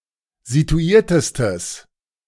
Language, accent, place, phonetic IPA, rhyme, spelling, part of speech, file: German, Germany, Berlin, [zituˈiːɐ̯təstəs], -iːɐ̯təstəs, situiertestes, adjective, De-situiertestes.ogg
- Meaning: strong/mixed nominative/accusative neuter singular superlative degree of situiert